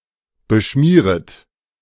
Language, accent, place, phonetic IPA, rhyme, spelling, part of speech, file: German, Germany, Berlin, [bəˈʃmiːʁət], -iːʁət, beschmieret, verb, De-beschmieret.ogg
- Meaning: second-person plural subjunctive I of beschmieren